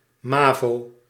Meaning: initialism of Middelbaar algemeen voortgezet onderwijs
- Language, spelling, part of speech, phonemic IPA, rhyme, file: Dutch, mavo, proper noun, /ˈmaː.voː/, -aːvoː, Nl-mavo.ogg